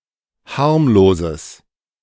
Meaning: strong/mixed nominative/accusative neuter singular of harmlos
- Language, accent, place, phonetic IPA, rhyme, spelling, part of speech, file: German, Germany, Berlin, [ˈhaʁmloːzəs], -aʁmloːzəs, harmloses, adjective, De-harmloses.ogg